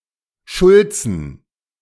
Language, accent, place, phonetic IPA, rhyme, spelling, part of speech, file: German, Germany, Berlin, [ˈʃʊlt͡sn̩], -ʊlt͡sn̩, Schulzen, noun, De-Schulzen.ogg
- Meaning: plural of Schulze